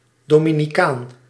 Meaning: Dominican (member of the Dominican order)
- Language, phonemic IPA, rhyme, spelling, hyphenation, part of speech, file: Dutch, /ˌdoː.mi.niˈkaːn/, -aːn, dominicaan, do‧mi‧ni‧caan, noun, Nl-dominicaan.ogg